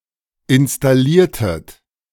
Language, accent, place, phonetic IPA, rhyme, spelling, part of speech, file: German, Germany, Berlin, [ɪnstaˈliːɐ̯tət], -iːɐ̯tət, installiertet, verb, De-installiertet.ogg
- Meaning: inflection of installieren: 1. second-person plural preterite 2. second-person plural subjunctive II